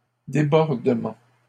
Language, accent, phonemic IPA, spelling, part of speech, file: French, Canada, /de.bɔʁ.də.mɑ̃/, débordement, noun, LL-Q150 (fra)-débordement.wav
- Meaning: 1. flooding 2. overflowing, overflow 3. overshooting (of weapon) 4. passing (act of hitting the ball past a player who is at net)